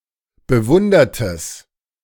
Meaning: strong/mixed nominative/accusative neuter singular of bewundert
- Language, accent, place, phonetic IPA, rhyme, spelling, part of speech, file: German, Germany, Berlin, [bəˈvʊndɐtəs], -ʊndɐtəs, bewundertes, adjective, De-bewundertes.ogg